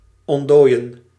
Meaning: to thaw, to defrost
- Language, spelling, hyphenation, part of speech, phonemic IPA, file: Dutch, ontdooien, ont‧dooi‧en, verb, /ˌɔntˈdoːi̯.ə(n)/, Nl-ontdooien.ogg